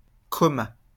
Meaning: third-person singular past historic of commer
- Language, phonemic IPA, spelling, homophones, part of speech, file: French, /kɔ.ma/, comma, commas / commât, verb, LL-Q150 (fra)-comma.wav